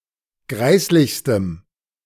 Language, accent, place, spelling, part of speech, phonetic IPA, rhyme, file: German, Germany, Berlin, greislichstem, adjective, [ˈɡʁaɪ̯slɪçstəm], -aɪ̯slɪçstəm, De-greislichstem.ogg
- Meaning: strong dative masculine/neuter singular superlative degree of greislich